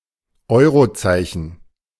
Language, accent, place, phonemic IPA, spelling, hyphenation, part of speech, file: German, Germany, Berlin, /ˈɔɪ̯ʁoˌt͡saɪ̯çn̩/, Eurozeichen, Eu‧ro‧zei‧chen, noun, De-Eurozeichen.ogg
- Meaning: euro sign